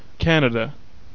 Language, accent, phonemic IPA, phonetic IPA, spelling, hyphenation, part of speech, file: English, Canada, /ˈkænədə/, [kʰɛəɾ̃əɾə], Canada, Can‧a‧da, proper noun / noun, En-ca-Canada.ogg
- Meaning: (proper noun) A country in North America. Capital: Ottawa. Largest city: Toronto